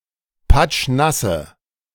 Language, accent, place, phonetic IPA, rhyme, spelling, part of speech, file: German, Germany, Berlin, [ˈpat͡ʃˈnasə], -asə, patschnasse, adjective, De-patschnasse.ogg
- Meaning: inflection of patschnass: 1. strong/mixed nominative/accusative feminine singular 2. strong nominative/accusative plural 3. weak nominative all-gender singular